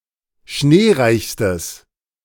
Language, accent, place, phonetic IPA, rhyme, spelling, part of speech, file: German, Germany, Berlin, [ˈʃneːˌʁaɪ̯çstəs], -eːʁaɪ̯çstəs, schneereichstes, adjective, De-schneereichstes.ogg
- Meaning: strong/mixed nominative/accusative neuter singular superlative degree of schneereich